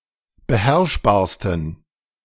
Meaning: 1. superlative degree of beherrschbar 2. inflection of beherrschbar: strong genitive masculine/neuter singular superlative degree
- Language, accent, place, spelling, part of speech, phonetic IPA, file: German, Germany, Berlin, beherrschbarsten, adjective, [bəˈhɛʁʃbaːɐ̯stn̩], De-beherrschbarsten.ogg